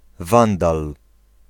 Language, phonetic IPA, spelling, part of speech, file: Polish, [ˈvãndal], Wandal, noun, Pl-Wandal.ogg